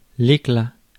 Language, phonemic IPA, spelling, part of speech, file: French, /e.kla/, éclat, noun, Fr-éclat.ogg
- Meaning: 1. brilliance, shine, lustre 2. fragment 3. Strong reaction; scandal 4. clap, peal, burst (of thunder, laughter) 5. tinder, kindling